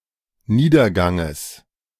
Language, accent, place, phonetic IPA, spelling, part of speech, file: German, Germany, Berlin, [ˈniːdɐˌɡaŋəs], Niederganges, noun, De-Niederganges.ogg
- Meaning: genitive singular of Niedergang